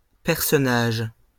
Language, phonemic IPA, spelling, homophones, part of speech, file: French, /pɛʁ.sɔ.naʒ/, personnages, personnage, noun, LL-Q150 (fra)-personnages.wav
- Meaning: plural of personnage